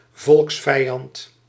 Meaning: enemy of the people
- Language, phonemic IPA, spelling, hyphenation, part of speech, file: Dutch, /ˈvɔlks.fɛi̯ˌɑnt/, volksvijand, volks‧vij‧and, noun, Nl-volksvijand.ogg